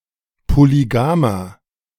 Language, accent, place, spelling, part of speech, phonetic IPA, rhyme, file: German, Germany, Berlin, polygamer, adjective, [poliˈɡaːmɐ], -aːmɐ, De-polygamer.ogg
- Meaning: inflection of polygam: 1. strong/mixed nominative masculine singular 2. strong genitive/dative feminine singular 3. strong genitive plural